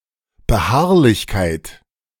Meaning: perseverance, insistence
- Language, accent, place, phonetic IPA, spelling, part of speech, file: German, Germany, Berlin, [bəˈhaʁlɪçkaɪ̯t], Beharrlichkeit, noun, De-Beharrlichkeit.ogg